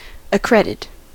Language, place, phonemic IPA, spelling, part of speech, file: English, California, /əˈkɹɛd.ɪt/, accredit, verb, En-us-accredit.ogg
- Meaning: 1. To ascribe; attribute; credit with 2. To put or bring into credit; to invest with credit or authority; to sanction